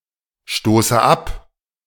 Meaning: inflection of abstoßen: 1. first-person singular present 2. first/third-person singular subjunctive I 3. singular imperative
- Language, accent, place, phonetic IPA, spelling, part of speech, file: German, Germany, Berlin, [ˌʃtoːsə ˈap], stoße ab, verb, De-stoße ab.ogg